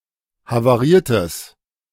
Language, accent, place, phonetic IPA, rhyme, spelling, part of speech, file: German, Germany, Berlin, [havaˈʁiːɐ̯təs], -iːɐ̯təs, havariertes, adjective, De-havariertes.ogg
- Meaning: strong/mixed nominative/accusative neuter singular of havariert